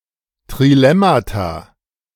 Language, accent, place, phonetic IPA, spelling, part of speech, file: German, Germany, Berlin, [tʁiˈlɛmata], Trilemmata, noun, De-Trilemmata.ogg
- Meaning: plural of Trilemma